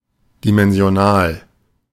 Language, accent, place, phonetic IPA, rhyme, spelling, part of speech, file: German, Germany, Berlin, [dimɛnzi̯oˈnaːl], -aːl, dimensional, adjective, De-dimensional.ogg
- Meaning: dimensional